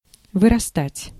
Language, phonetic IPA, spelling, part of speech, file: Russian, [vɨrɐˈstatʲ], вырастать, verb, Ru-вырастать.ogg
- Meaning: 1. to grow, to increase 2. to arise, to appear, to rise up, to sprout